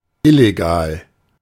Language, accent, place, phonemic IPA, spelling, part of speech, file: German, Germany, Berlin, /ˈɪleɡaːl/, illegal, adjective, De-illegal.ogg
- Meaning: illegal